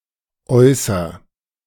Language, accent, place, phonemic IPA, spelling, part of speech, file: German, Germany, Berlin, /ˈʔɔɪ̯sɐ/, äußer, verb, De-äußer.ogg
- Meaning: inflection of äußern: 1. first-person singular present 2. singular imperative